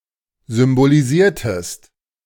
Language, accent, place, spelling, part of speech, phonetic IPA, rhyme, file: German, Germany, Berlin, symbolisiertest, verb, [zʏmboliˈziːɐ̯təst], -iːɐ̯təst, De-symbolisiertest.ogg
- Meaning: inflection of symbolisieren: 1. second-person singular preterite 2. second-person singular subjunctive II